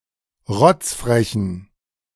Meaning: inflection of rotzfrech: 1. strong genitive masculine/neuter singular 2. weak/mixed genitive/dative all-gender singular 3. strong/weak/mixed accusative masculine singular 4. strong dative plural
- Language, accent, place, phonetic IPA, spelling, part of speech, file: German, Germany, Berlin, [ˈʁɔt͡sfʁɛçn̩], rotzfrechen, adjective, De-rotzfrechen.ogg